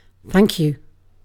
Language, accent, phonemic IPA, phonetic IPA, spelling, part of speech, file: English, Received Pronunciation, /ˈfæŋk ˌju/, [ˈfæŋk ˌjʊu̯], thank you, interjection / noun, En-uk-thank you.ogg
- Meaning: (interjection) 1. An expression of gratitude or politeness in response to something done or given 2. Used as a polite affirmative to accept an offer